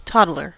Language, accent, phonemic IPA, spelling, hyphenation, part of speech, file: English, US, /ˈtɑdlɚ/, toddler, tod‧dler, noun, En-us-toddler.ogg
- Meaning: 1. A young child (typically between one and three years old) who has started walking but not fully mastered it 2. One unsteady on their feet